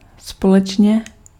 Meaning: together (at the same time, in the same place, in close association)
- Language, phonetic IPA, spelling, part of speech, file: Czech, [ˈspolɛt͡ʃɲɛ], společně, adverb, Cs-společně.ogg